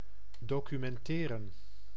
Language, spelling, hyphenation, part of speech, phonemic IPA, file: Dutch, documenteren, do‧cu‧men‧te‧ren, verb, /ˌdoːkymɛnˈteːrə(n)/, Nl-documenteren.ogg
- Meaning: to document